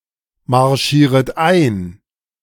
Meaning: second-person plural subjunctive I of einmarschieren
- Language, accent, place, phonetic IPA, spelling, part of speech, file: German, Germany, Berlin, [maʁˌʃiːʁət ˈaɪ̯n], marschieret ein, verb, De-marschieret ein.ogg